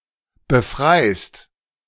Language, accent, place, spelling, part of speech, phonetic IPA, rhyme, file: German, Germany, Berlin, befreist, verb, [bəˈfʁaɪ̯st], -aɪ̯st, De-befreist.ogg
- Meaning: second-person singular present of befreien